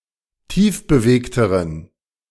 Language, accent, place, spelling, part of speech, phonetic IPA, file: German, Germany, Berlin, tiefbewegteren, adjective, [ˈtiːfbəˌveːktəʁən], De-tiefbewegteren.ogg
- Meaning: inflection of tiefbewegt: 1. strong genitive masculine/neuter singular comparative degree 2. weak/mixed genitive/dative all-gender singular comparative degree